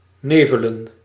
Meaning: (verb) to be foggy; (noun) plural of nevel
- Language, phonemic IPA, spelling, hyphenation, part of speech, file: Dutch, /ˈneː.və.lə(n)/, nevelen, ne‧ve‧len, verb / noun, Nl-nevelen.ogg